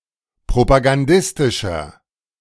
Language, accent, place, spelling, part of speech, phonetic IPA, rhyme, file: German, Germany, Berlin, propagandistischer, adjective, [pʁopaɡanˈdɪstɪʃɐ], -ɪstɪʃɐ, De-propagandistischer.ogg
- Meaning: 1. comparative degree of propagandistisch 2. inflection of propagandistisch: strong/mixed nominative masculine singular 3. inflection of propagandistisch: strong genitive/dative feminine singular